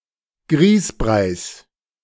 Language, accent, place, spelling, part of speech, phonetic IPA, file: German, Germany, Berlin, Grießbreis, noun, [ˈɡʁiːsˌbʁaɪ̯s], De-Grießbreis.ogg
- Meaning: genitive singular of Grießbrei